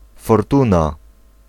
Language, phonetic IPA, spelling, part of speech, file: Polish, [fɔrˈtũna], fortuna, noun, Pl-fortuna.ogg